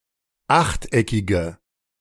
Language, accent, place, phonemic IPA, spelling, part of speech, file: German, Germany, Berlin, /ˈaxtˌʔɛkɪɡə/, achteckige, adjective, De-achteckige.ogg
- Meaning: inflection of achteckig: 1. strong/mixed nominative/accusative feminine singular 2. strong nominative/accusative plural 3. weak nominative all-gender singular